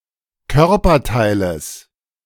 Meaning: genitive of Körperteil
- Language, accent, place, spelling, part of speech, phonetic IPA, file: German, Germany, Berlin, Körperteiles, noun, [ˈkœʁpɐˌtaɪ̯ləs], De-Körperteiles.ogg